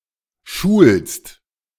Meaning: second-person singular present of schulen
- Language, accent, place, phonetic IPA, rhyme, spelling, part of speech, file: German, Germany, Berlin, [ʃuːlst], -uːlst, schulst, verb, De-schulst.ogg